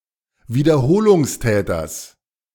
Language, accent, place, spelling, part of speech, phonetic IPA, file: German, Germany, Berlin, Wiederholungstäters, noun, [viːdɐˈhoːlʊŋsˌtɛːtɐs], De-Wiederholungstäters.ogg
- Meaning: genitive singular of Wiederholungstäter